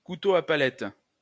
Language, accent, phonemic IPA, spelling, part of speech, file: French, France, /ku.to a pa.lɛt/, couteau à palette, noun, LL-Q150 (fra)-couteau à palette.wav
- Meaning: palette knife